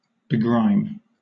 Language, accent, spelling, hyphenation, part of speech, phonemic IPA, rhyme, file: English, Southern England, begrime, be‧grime, verb, /bɪˈɡɹaɪm/, -aɪm, LL-Q1860 (eng)-begrime.wav
- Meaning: To ingrain grime or dirt which is difficult to remove into (something); also (more generally), to make (something) dirty; to soil